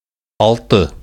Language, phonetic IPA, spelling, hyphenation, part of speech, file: Bashkir, [ɑɫˈtɯ̞], алты, ал‧ты, numeral, Ba-алты.ogg
- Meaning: six